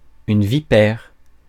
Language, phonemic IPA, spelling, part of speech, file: French, /vi.pɛʁ/, vipère, noun, Fr-vipère.ogg
- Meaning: 1. viper 2. a malignant person